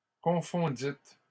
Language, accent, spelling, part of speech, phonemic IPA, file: French, Canada, confondîtes, verb, /kɔ̃.fɔ̃.dit/, LL-Q150 (fra)-confondîtes.wav
- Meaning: second-person plural past historic of confondre